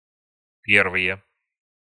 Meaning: nominative/accusative plural of пе́рвое (pérvoje)
- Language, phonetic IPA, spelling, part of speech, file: Russian, [ˈpʲervɨje], первые, noun, Ru-первые.ogg